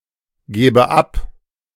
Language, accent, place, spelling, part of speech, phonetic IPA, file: German, Germany, Berlin, gebe ab, verb, [ˌɡeːbə ˈap], De-gebe ab.ogg
- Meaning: inflection of abgeben: 1. first-person singular present 2. first/third-person singular subjunctive I